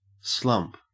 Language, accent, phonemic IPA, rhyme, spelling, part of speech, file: English, Australia, /slʌmp/, -ʌmp, slump, verb / noun, En-au-slump.ogg
- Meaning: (verb) 1. To collapse heavily or helplessly 2. To decline or fall off in activity or performance 3. To slouch or droop 4. To lump; to throw together messily